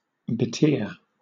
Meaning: To wet with tears (from the eyes)
- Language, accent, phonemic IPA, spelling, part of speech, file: English, Southern England, /bɪˈtɪɚ/, betear, verb, LL-Q1860 (eng)-betear.wav